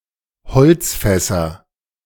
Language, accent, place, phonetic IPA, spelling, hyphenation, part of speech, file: German, Germany, Berlin, [ˈhɔlt͡sˌfɛsɐ], Holzfässer, Holz‧fäs‧ser, noun, De-Holzfässer.ogg
- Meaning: nominative/accusative/genitive plural of Holzfass